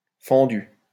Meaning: feminine singular of fendu
- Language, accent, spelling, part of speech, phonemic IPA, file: French, France, fendue, verb, /fɑ̃.dy/, LL-Q150 (fra)-fendue.wav